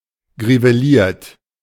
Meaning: white mottled with grey
- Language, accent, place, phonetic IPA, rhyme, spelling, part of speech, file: German, Germany, Berlin, [ɡʁiveˈliːɐ̯t], -iːɐ̯t, griveliert, adjective, De-griveliert.ogg